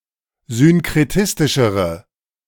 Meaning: inflection of synkretistisch: 1. strong/mixed nominative/accusative feminine singular comparative degree 2. strong nominative/accusative plural comparative degree
- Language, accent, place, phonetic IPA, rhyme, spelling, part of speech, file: German, Germany, Berlin, [zʏnkʁeˈtɪstɪʃəʁə], -ɪstɪʃəʁə, synkretistischere, adjective, De-synkretistischere.ogg